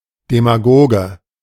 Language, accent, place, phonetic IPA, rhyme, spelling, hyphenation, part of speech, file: German, Germany, Berlin, [demaˈɡoːɡə], -oːɡə, Demagoge, De‧ma‧go‧ge, noun, De-Demagoge.ogg
- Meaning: demagogue